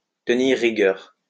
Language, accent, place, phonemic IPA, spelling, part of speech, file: French, France, Lyon, /tə.niʁ ʁi.ɡœʁ/, tenir rigueur, verb, LL-Q150 (fra)-tenir rigueur.wav
- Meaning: to blame, to hold (something) against (someone), to hold a grudge against